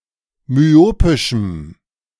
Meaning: strong dative masculine/neuter singular of myopisch
- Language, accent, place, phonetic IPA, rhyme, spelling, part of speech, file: German, Germany, Berlin, [myˈoːpɪʃm̩], -oːpɪʃm̩, myopischem, adjective, De-myopischem.ogg